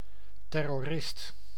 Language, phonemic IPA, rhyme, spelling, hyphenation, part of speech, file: Dutch, /ˌtɛ.rɔˈrɪst/, -ɪst, terrorist, ter‧ro‧rist, noun, Nl-terrorist.ogg
- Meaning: 1. a terrorist 2. a supporter of the French Reign of Terror